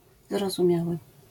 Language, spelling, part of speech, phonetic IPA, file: Polish, zrozumiały, adjective / verb, [ˌzrɔzũˈmʲjawɨ], LL-Q809 (pol)-zrozumiały.wav